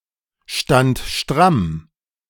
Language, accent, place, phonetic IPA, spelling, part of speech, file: German, Germany, Berlin, [ˌʃtant ˈʃtʁam], stand stramm, verb, De-stand stramm.ogg
- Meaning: first/third-person singular preterite of strammstehen